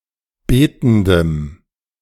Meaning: strong dative masculine/neuter singular of betend
- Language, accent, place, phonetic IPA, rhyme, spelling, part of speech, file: German, Germany, Berlin, [ˈbeːtn̩dəm], -eːtn̩dəm, betendem, adjective, De-betendem.ogg